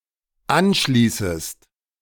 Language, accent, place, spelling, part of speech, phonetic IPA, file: German, Germany, Berlin, anschließest, verb, [ˈanˌʃliːsəst], De-anschließest.ogg
- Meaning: second-person singular dependent subjunctive I of anschließen